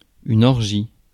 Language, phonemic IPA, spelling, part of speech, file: French, /ɔʁ.ʒi/, orgie, noun, Fr-orgie.ogg
- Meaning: 1. orgy (group activity) 2. orgy (group sex) 3. orgy, load, ocean, score (large amount)